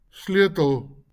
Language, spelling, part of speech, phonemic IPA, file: Afrikaans, sleutel, noun, /ˈslɪø.təl/, LL-Q14196 (afr)-sleutel.wav
- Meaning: 1. key (tool for locking and unlocking; something that unlocks) 2. clef